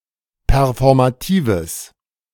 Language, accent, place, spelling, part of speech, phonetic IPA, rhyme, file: German, Germany, Berlin, performatives, adjective, [pɛʁfɔʁmaˈtiːvəs], -iːvəs, De-performatives.ogg
- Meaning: strong/mixed nominative/accusative neuter singular of performativ